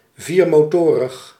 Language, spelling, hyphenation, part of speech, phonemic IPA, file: Dutch, viermotorig, vier‧mo‧to‧rig, adjective, /ˌviːr.moːˈtoː.rəx/, Nl-viermotorig.ogg
- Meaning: having four engines (of motorised means of transport)